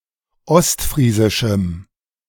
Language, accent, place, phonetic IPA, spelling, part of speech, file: German, Germany, Berlin, [ˈɔstˌfʁiːzɪʃm̩], ostfriesischem, adjective, De-ostfriesischem.ogg
- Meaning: strong dative masculine/neuter singular of ostfriesisch